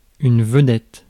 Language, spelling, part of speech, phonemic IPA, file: French, vedette, noun, /və.dɛt/, Fr-vedette.ogg
- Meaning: 1. star (celebrity) 2. flagship 3. headword (word used as the title of a section) 4. vedette (sentry)